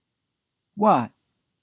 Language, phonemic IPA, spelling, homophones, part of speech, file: English, /wɒt/, what, Watt / watt / wot / hot, determiner / pronoun / adverb / interjection / noun / particle, En-NYC-what.ogg
- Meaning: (determiner) 1. Which, especially which of an open-ended set of possibilities 2. Which 3. Any ... that; all ... that; whatever